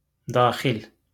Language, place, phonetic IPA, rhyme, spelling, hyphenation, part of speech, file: Azerbaijani, Baku, [dɑːˈxil], -il, daxil, da‧xil, noun / adjective, LL-Q9292 (aze)-daxil.wav
- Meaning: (noun) interior, inside; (adjective) 1. to be part of 2. to be included